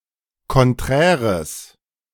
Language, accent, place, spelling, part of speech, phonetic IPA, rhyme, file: German, Germany, Berlin, konträres, adjective, [kɔnˈtʁɛːʁəs], -ɛːʁəs, De-konträres.ogg
- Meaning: strong/mixed nominative/accusative neuter singular of konträr